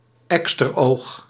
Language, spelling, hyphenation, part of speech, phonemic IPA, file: Dutch, eksteroog, ek‧ster‧oog, noun, /ˈɛkstərˌoːx/, Nl-eksteroog.ogg
- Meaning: clavus, corn